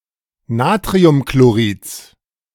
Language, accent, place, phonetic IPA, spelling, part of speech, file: German, Germany, Berlin, [ˈnaːtʁiʊmkloˌʁiːt͡s], Natriumchlorids, noun, De-Natriumchlorids.ogg
- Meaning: genitive singular of Natriumchlorid